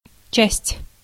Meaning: 1. part 2. share 3. piece 4. department, section 5. unit (regimental or smaller sized and administratively self-contained) 6. line, branch 7. police station
- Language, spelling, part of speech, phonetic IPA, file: Russian, часть, noun, [t͡ɕæsʲtʲ], Ru-часть.ogg